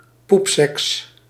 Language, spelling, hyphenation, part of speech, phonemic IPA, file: Dutch, poepseks, poep‧seks, noun, /ˈpup.sɛks/, Nl-poepseks.ogg
- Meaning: poop sex (scatological sexual activity)